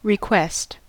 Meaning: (verb) 1. To ask for (something) 2. To ask (somebody) to do something; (noun) Act of requesting (with the adposition at in the presence of possessives, and on in their absence)
- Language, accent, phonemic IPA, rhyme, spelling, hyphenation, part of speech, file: English, US, /ɹɪˈkwɛst/, -ɛst, request, re‧quest, verb / noun, En-us-request.ogg